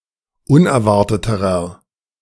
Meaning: inflection of unerwartet: 1. strong/mixed nominative masculine singular comparative degree 2. strong genitive/dative feminine singular comparative degree 3. strong genitive plural comparative degree
- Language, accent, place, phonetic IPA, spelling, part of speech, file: German, Germany, Berlin, [ˈʊnɛɐ̯ˌvaʁtətəʁɐ], unerwarteterer, adjective, De-unerwarteterer.ogg